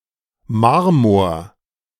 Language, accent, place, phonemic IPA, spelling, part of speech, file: German, Germany, Berlin, /ˈmaʁmoːɐ̯/, Marmor, noun, De-Marmor.ogg
- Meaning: marble